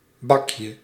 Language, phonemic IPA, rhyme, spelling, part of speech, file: Dutch, /ˈbɑ.kjə/, -ɑkjə, bakje, noun, Nl-bakje.ogg
- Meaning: diminutive of bak